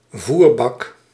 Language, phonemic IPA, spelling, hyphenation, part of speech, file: Dutch, /ˈvur.bɑk/, voerbak, voer‧bak, noun, Nl-voerbak.ogg
- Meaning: any container for animal fodder or feed: food bowl, trough, manger, feeding bowl